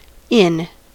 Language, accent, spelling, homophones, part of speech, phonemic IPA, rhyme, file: English, US, inn, in, noun / verb, /ɪn/, -ɪn, En-us-inn.ogg
- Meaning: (noun) 1. Any establishment where travellers can procure lodging, food, and drink 2. A tavern 3. One of the colleges (societies or buildings) in London, for students of the law barristers